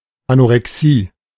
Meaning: anorexia
- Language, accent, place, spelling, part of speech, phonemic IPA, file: German, Germany, Berlin, Anorexie, noun, /anʔoʁɛˈksiː/, De-Anorexie.ogg